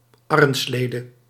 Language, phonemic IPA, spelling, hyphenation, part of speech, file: Dutch, /ˈɑ.rə(n)ˌsleː.də/, arrenslede, ar‧ren‧sle‧de, noun, Nl-arrenslede.ogg
- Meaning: alternative form of arrenslee